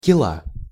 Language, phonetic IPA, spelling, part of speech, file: Russian, [kʲɪˈɫa], кила, noun, Ru-кила.ogg
- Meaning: 1. clubroot 2. hernia 3. kila (a traditional Russian game)